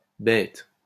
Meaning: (adjective) plural of bête
- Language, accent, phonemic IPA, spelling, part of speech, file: French, France, /bɛt/, bêtes, adjective / noun, LL-Q150 (fra)-bêtes.wav